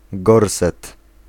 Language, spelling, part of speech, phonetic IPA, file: Polish, gorset, noun, [ˈɡɔrsɛt], Pl-gorset.ogg